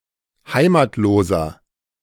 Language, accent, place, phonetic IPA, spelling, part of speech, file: German, Germany, Berlin, [ˈhaɪ̯maːtloːzɐ], heimatloser, adjective, De-heimatloser.ogg
- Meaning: inflection of heimatlos: 1. strong/mixed nominative masculine singular 2. strong genitive/dative feminine singular 3. strong genitive plural